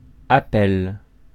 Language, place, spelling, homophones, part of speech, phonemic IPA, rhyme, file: French, Paris, appel, appelle / appellent / appelles / appels, noun, /a.pɛl/, -ɛl, Fr-appel.ogg
- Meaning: 1. call 2. appeal